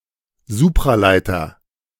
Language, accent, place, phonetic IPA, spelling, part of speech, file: German, Germany, Berlin, [ˈzuːpʁaˌlaɪ̯tɐ], Supraleiter, noun, De-Supraleiter.ogg
- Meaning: superconductor